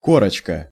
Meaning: 1. diminutive of ко́рка (kórka): (thin) crust; bark; incrustation 2. diminutive of кора́ (korá): (thin) crust; bark; incrustation 3. diploma, certificate 4. book cover
- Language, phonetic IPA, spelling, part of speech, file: Russian, [ˈkorət͡ɕkə], корочка, noun, Ru-корочка.ogg